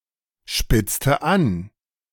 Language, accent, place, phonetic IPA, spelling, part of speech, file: German, Germany, Berlin, [ˌʃpɪt͡stə ˈan], spitzte an, verb, De-spitzte an.ogg
- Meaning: inflection of anspitzen: 1. first/third-person singular preterite 2. first/third-person singular subjunctive II